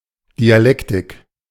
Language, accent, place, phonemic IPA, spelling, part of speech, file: German, Germany, Berlin, /diaˈlɛktɪk/, Dialektik, noun, De-Dialektik.ogg
- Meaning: dialectic